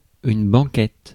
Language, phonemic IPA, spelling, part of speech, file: French, /bɑ̃.kɛt/, banquette, noun, Fr-banquette.ogg
- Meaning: bench